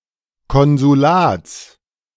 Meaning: genitive singular of Konsulat
- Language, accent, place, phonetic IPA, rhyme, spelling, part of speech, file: German, Germany, Berlin, [ˌkɔnzuˈlaːt͡s], -aːt͡s, Konsulats, noun, De-Konsulats.ogg